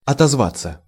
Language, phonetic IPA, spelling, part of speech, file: Russian, [ɐtɐzˈvat͡sːə], отозваться, verb, Ru-отозваться.ogg
- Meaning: 1. to respond (to), to answer; to echo 2. to resound 3. to speak [with о (o, + prepositional) ‘about someone/something’], to give feedback 4. passive of отозва́ть (otozvátʹ)